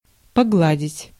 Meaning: 1. to iron, to press (clothes) 2. to pet (animals, etc.) 3. to stroke, to caress
- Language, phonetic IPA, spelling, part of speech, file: Russian, [pɐˈɡɫadʲɪtʲ], погладить, verb, Ru-погладить.ogg